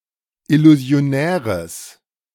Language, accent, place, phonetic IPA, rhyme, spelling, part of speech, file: German, Germany, Berlin, [ɪluzi̯oˈnɛːʁəs], -ɛːʁəs, illusionäres, adjective, De-illusionäres.ogg
- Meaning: strong/mixed nominative/accusative neuter singular of illusionär